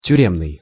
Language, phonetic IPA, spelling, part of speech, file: Russian, [tʲʉˈrʲemnɨj], тюремный, adjective, Ru-тюремный.ogg
- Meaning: prison